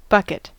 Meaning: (noun) 1. A container made of rigid material, often with a handle, used to carry liquids or small items 2. The amount held in this container 3. A large amount of liquid 4. A great deal of anything
- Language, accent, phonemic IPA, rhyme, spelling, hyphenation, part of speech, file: English, General American, /ˈbʌkɪt/, -ʌkɪt, bucket, buck‧et, noun / verb, En-us-bucket.ogg